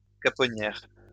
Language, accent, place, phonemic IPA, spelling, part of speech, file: French, France, Lyon, /ka.pɔ.njɛʁ/, caponnière, noun, LL-Q150 (fra)-caponnière.wav
- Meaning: caponier